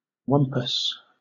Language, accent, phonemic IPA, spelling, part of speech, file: English, Southern England, /ˈwʌmpəs/, wumpus, noun, LL-Q1860 (eng)-wumpus.wav
- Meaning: A fictional reclusive monster